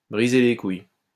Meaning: alternative form of casser les couilles
- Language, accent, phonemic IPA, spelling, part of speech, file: French, France, /bʁi.ze le kuj/, briser les couilles, verb, LL-Q150 (fra)-briser les couilles.wav